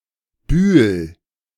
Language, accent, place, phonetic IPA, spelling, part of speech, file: German, Germany, Berlin, [byːl], Bühl, noun / proper noun, De-Bühl.ogg
- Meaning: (noun) alternative form of Bühel; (proper noun) 1. a surname 2. a town in the Rastatt District, western Baden-Württemberg, Germany 3. a village in Klettgau Municipality, southern Baden-Württemberg